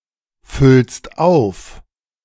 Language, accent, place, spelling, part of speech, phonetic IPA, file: German, Germany, Berlin, füllst auf, verb, [ˌfʏlst ˈaʊ̯f], De-füllst auf.ogg
- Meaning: second-person singular present of auffüllen